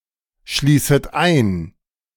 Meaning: second-person plural subjunctive I of einschließen
- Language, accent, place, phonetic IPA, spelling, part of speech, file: German, Germany, Berlin, [ˌʃliːsət ˈaɪ̯n], schließet ein, verb, De-schließet ein.ogg